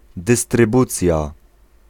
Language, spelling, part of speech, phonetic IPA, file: Polish, dystrybucja, noun, [ˌdɨstrɨˈbut͡sʲja], Pl-dystrybucja.ogg